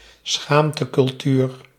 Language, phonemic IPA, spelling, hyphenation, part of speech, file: Dutch, /ˈsxaːm.tə.kʏlˌtyːr/, schaamtecultuur, schaam‧te‧cul‧tuur, noun, Nl-schaamtecultuur.ogg
- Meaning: culture characterised by the dominance of honour and shame in value judgements